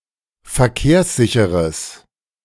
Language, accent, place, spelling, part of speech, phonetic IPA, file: German, Germany, Berlin, verkehrssicheres, adjective, [fɛɐ̯ˈkeːɐ̯sˌzɪçəʁəs], De-verkehrssicheres.ogg
- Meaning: strong/mixed nominative/accusative neuter singular of verkehrssicher